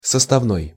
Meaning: 1. composite, compound 2. component, constituent
- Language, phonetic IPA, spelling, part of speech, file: Russian, [səstɐvˈnoj], составной, adjective, Ru-составной.ogg